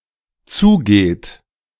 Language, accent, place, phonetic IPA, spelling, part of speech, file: German, Germany, Berlin, [ˈt͡suːˌɡeːt], zugeht, verb, De-zugeht.ogg
- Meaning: inflection of zugehen: 1. third-person singular dependent present 2. second-person plural dependent present